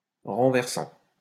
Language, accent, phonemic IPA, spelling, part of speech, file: French, France, /ʁɑ̃.vɛʁ.sɑ̃/, renversant, verb / adjective, LL-Q150 (fra)-renversant.wav
- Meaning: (verb) present participle of renverser; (adjective) astounding